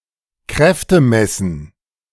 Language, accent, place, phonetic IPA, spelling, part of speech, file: German, Germany, Berlin, [ˈkʁɛftəˌmɛsn̩], Kräftemessen, noun, De-Kräftemessen.ogg
- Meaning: trial of strength